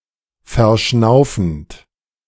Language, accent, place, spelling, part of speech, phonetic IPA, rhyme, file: German, Germany, Berlin, verschnaufend, verb, [fɛɐ̯ˈʃnaʊ̯fn̩t], -aʊ̯fn̩t, De-verschnaufend.ogg
- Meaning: present participle of verschnaufen